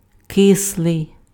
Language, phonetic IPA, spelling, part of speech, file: Ukrainian, [ˈkɪsɫei̯], кислий, adjective, Uk-кислий.ogg
- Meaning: sour